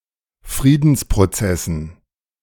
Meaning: dative plural of Friedensprozess
- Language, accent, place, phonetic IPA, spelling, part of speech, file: German, Germany, Berlin, [ˈfʁiːdn̩spʁoˌt͡sɛsn̩], Friedensprozessen, noun, De-Friedensprozessen.ogg